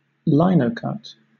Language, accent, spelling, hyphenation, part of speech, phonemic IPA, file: English, Southern England, linocut, li‧no‧cut, noun / verb, /ˈlʌɪnəʊkʌt/, LL-Q1860 (eng)-linocut.wav
- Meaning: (noun) A type of woodcut in which a block of linoleum is used for the relief surface; the design cut into the block; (verb) To produce a woodcut of this kind